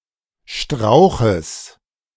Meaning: genitive singular of Strauch
- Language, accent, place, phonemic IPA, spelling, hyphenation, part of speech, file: German, Germany, Berlin, /ˈʃtʁaʊ̯xəs/, Strauches, Strau‧ches, noun, De-Strauches.ogg